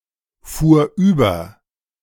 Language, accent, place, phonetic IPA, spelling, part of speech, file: German, Germany, Berlin, [ˌfuːɐ̯ ˈyːbɐ], fuhr über, verb, De-fuhr über.ogg
- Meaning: first/third-person singular preterite of überfahren